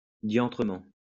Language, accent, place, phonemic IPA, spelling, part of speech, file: French, France, Lyon, /djɑ̃.tʁə.mɑ̃/, diantrement, adverb, LL-Q150 (fra)-diantrement.wav
- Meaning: devilishly